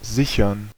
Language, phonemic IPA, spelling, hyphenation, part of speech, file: German, /ˈzɪçɐn/, sichern, si‧chern, verb, De-sichern.ogg
- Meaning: 1. to secure 2. to guarantee 3. to assure